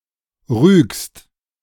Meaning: second-person singular present of rügen
- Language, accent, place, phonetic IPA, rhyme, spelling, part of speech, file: German, Germany, Berlin, [ʁyːkst], -yːkst, rügst, verb, De-rügst.ogg